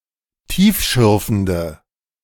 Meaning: inflection of tiefschürfend: 1. strong/mixed nominative/accusative feminine singular 2. strong nominative/accusative plural 3. weak nominative all-gender singular
- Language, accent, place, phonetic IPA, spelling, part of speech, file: German, Germany, Berlin, [ˈtiːfˌʃʏʁfn̩də], tiefschürfende, adjective, De-tiefschürfende.ogg